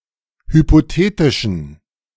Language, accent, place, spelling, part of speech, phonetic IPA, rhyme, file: German, Germany, Berlin, hypothetischen, adjective, [hypoˈteːtɪʃn̩], -eːtɪʃn̩, De-hypothetischen.ogg
- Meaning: inflection of hypothetisch: 1. strong genitive masculine/neuter singular 2. weak/mixed genitive/dative all-gender singular 3. strong/weak/mixed accusative masculine singular 4. strong dative plural